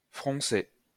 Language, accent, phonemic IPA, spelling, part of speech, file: French, France, /fʁɔ̃.se/, froncer, verb, LL-Q150 (fra)-froncer.wav
- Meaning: 1. to scowl, to frown 2. to gather (fabric)